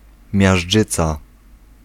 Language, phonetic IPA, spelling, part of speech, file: Polish, [mʲjaʒˈd͡ʒɨt͡sa], miażdżyca, noun, Pl-miażdżyca.ogg